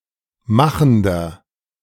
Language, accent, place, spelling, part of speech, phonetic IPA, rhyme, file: German, Germany, Berlin, machender, adjective, [ˈmaxn̩dɐ], -axn̩dɐ, De-machender.ogg
- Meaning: inflection of machend: 1. strong/mixed nominative masculine singular 2. strong genitive/dative feminine singular 3. strong genitive plural